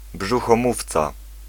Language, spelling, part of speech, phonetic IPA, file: Polish, brzuchomówca, noun, [ˌbʒuxɔ̃ˈmuft͡sa], Pl-brzuchomówca.ogg